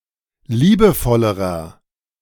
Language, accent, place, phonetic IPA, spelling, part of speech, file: German, Germany, Berlin, [ˈliːbəˌfɔləʁɐ], liebevollerer, adjective, De-liebevollerer.ogg
- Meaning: inflection of liebevoll: 1. strong/mixed nominative masculine singular comparative degree 2. strong genitive/dative feminine singular comparative degree 3. strong genitive plural comparative degree